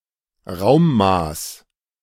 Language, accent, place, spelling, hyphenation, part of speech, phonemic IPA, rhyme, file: German, Germany, Berlin, Raummaß, Raum‧maß, noun, /ˈʁaʊ̯mˌmaːs/, -aːs, De-Raummaß.ogg
- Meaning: unit of volume